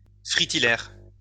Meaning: fritillary (Fritillaria)
- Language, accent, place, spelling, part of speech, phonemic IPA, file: French, France, Lyon, fritillaire, noun, /fʁi.ti.lɛʁ/, LL-Q150 (fra)-fritillaire.wav